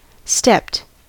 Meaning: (verb) simple past and past participle of step; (adjective) Provided with a step or steps; having a series of offsets or parts resembling the steps of stairs
- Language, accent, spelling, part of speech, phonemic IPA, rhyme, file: English, US, stepped, verb / adjective, /stɛpt/, -ɛpt, En-us-stepped.ogg